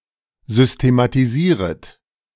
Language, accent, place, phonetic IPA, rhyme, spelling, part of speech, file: German, Germany, Berlin, [ˌzʏstematiˈziːʁət], -iːʁət, systematisieret, verb, De-systematisieret.ogg
- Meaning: second-person plural subjunctive I of systematisieren